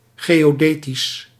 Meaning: geodesic
- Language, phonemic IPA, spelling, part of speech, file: Dutch, /ˌɡejoˈdetis/, geodetisch, adjective, Nl-geodetisch.ogg